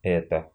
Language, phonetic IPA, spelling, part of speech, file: Russian, [ˈɛtə], эта, determiner / pronoun / noun, Ru-эта.ogg
- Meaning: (determiner) feminine nominative singular of э́тот (étot); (noun) eta (the Greek letter Η/η)